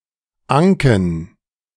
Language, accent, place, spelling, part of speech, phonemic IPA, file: German, Germany, Berlin, Anken, noun, /ˈaŋkn̩/, De-Anken.ogg
- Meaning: 1. alternative form of Anke (“butter”) 2. genitive/dative/accusative singular of Anke 3. plural of Anke